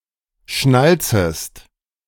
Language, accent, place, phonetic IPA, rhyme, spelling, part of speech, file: German, Germany, Berlin, [ˈʃnalt͡səst], -alt͡səst, schnalzest, verb, De-schnalzest.ogg
- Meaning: second-person singular subjunctive I of schnalzen